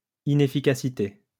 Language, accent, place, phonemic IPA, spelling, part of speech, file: French, France, Lyon, /i.ne.fi.ka.si.te/, inefficacité, noun, LL-Q150 (fra)-inefficacité.wav
- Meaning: inefficiency